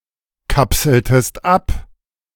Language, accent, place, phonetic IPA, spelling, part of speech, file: German, Germany, Berlin, [ˌkapsl̩təst ˈap], kapseltest ab, verb, De-kapseltest ab.ogg
- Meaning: inflection of abkapseln: 1. second-person singular preterite 2. second-person singular subjunctive II